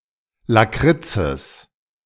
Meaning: genitive of Lakritz
- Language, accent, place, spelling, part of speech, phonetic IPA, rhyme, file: German, Germany, Berlin, Lakritzes, noun, [laˈkʁɪt͡səs], -ɪt͡səs, De-Lakritzes.ogg